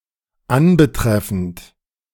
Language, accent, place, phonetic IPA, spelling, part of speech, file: German, Germany, Berlin, [ˈanbəˌtʁɛfn̩t], anbetreffend, verb, De-anbetreffend.ogg
- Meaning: present participle of anbetreffen